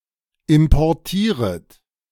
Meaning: second-person plural subjunctive I of importieren
- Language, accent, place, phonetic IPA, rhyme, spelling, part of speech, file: German, Germany, Berlin, [ɪmpɔʁˈtiːʁət], -iːʁət, importieret, verb, De-importieret.ogg